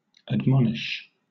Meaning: 1. To inform or notify of a fault; to rebuke in a serious tone; to tell off 2. To advise against wrongdoing; to caution; to warn against danger or an offense 3. To instruct or direct
- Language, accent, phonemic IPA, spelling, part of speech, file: English, Southern England, /ədˈmɒn.ɪʃ/, admonish, verb, LL-Q1860 (eng)-admonish.wav